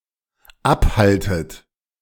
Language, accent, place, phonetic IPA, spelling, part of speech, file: German, Germany, Berlin, [ˈapˌhaltət], abhaltet, verb, De-abhaltet.ogg
- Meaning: inflection of abhalten: 1. second-person plural dependent present 2. second-person plural dependent subjunctive I